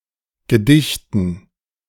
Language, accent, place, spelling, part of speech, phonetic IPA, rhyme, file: German, Germany, Berlin, Gedichten, noun, [ɡəˈdɪçtn̩], -ɪçtn̩, De-Gedichten.ogg
- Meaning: dative plural of Gedicht